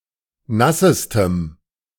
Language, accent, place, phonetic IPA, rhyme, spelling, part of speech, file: German, Germany, Berlin, [ˈnasəstəm], -asəstəm, nassestem, adjective, De-nassestem.ogg
- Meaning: strong dative masculine/neuter singular superlative degree of nass